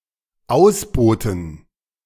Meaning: 1. to disembark 2. to oust, to displace, to preempt
- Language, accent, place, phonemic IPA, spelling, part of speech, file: German, Germany, Berlin, /ˈaʊ̯sˌboːtn̩/, ausbooten, verb, De-ausbooten.ogg